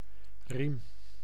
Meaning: 1. belt, strap, thong, collar 2. seat belt 3. oar, paddle 4. ream (paper measure)
- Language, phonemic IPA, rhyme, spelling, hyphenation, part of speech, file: Dutch, /rim/, -im, riem, riem, noun, Nl-riem.ogg